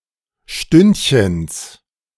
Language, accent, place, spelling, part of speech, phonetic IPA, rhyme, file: German, Germany, Berlin, Stündchens, noun, [ˈʃtʏntçəns], -ʏntçəns, De-Stündchens.ogg
- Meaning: genitive singular of Stündchen